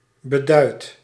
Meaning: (noun) obsolete form of bedied; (verb) 1. past participle of beduiden 2. inflection of beduiden: first-person singular present indicative
- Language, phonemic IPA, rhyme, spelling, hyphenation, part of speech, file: Dutch, /bəˈdœy̯t/, -œy̯t, beduid, be‧duid, noun / verb, Nl-beduid.ogg